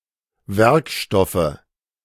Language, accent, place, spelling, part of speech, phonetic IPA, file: German, Germany, Berlin, Werkstoffe, noun, [ˈvɛʁkˌʃtɔfə], De-Werkstoffe.ogg
- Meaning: nominative/accusative/genitive plural of Werkstoff